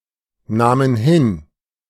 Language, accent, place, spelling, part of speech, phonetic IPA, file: German, Germany, Berlin, nahmen hin, verb, [ˌnaːmən ˈhɪn], De-nahmen hin.ogg
- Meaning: first/third-person plural preterite of hinnehmen